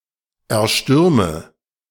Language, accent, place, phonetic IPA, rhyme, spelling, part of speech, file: German, Germany, Berlin, [ɛɐ̯ˈʃtʏʁmə], -ʏʁmə, erstürme, verb, De-erstürme.ogg
- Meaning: inflection of erstürmen: 1. first-person singular present 2. first/third-person singular subjunctive I 3. singular imperative